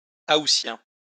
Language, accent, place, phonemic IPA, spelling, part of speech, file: French, France, Lyon, /a.u.sjɛ̃/, aoûtien, noun, LL-Q150 (fra)-aoûtien.wav
- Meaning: someone who goes on holiday in August (as opposed to July)